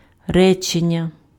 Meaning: sentence
- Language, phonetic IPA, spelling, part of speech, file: Ukrainian, [ˈrɛt͡ʃenʲːɐ], речення, noun, Uk-речення.ogg